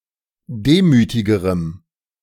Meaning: strong dative masculine/neuter singular comparative degree of demütig
- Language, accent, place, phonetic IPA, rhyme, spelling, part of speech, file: German, Germany, Berlin, [ˈdeːmyːtɪɡəʁəm], -eːmyːtɪɡəʁəm, demütigerem, adjective, De-demütigerem.ogg